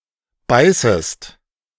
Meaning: second-person singular subjunctive I of beißen
- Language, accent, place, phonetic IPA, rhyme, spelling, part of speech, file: German, Germany, Berlin, [ˈbaɪ̯səst], -aɪ̯səst, beißest, verb, De-beißest.ogg